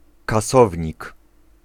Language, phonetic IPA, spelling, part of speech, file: Polish, [kaˈsɔvʲɲik], kasownik, noun, Pl-kasownik.ogg